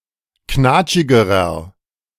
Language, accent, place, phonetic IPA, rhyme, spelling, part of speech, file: German, Germany, Berlin, [ˈknaːt͡ʃɪɡəʁɐ], -aːt͡ʃɪɡəʁɐ, knatschigerer, adjective, De-knatschigerer.ogg
- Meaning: inflection of knatschig: 1. strong/mixed nominative masculine singular comparative degree 2. strong genitive/dative feminine singular comparative degree 3. strong genitive plural comparative degree